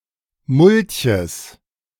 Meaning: genitive singular of Mulch
- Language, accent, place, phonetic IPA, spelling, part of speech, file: German, Germany, Berlin, [ˈmʊlçəs], Mulches, noun, De-Mulches.ogg